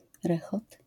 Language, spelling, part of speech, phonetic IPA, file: Polish, rechot, noun, [ˈrɛxɔt], LL-Q809 (pol)-rechot.wav